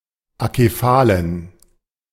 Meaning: inflection of akephal: 1. strong genitive masculine/neuter singular 2. weak/mixed genitive/dative all-gender singular 3. strong/weak/mixed accusative masculine singular 4. strong dative plural
- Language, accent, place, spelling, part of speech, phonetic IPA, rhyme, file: German, Germany, Berlin, akephalen, adjective, [akeˈfaːlən], -aːlən, De-akephalen.ogg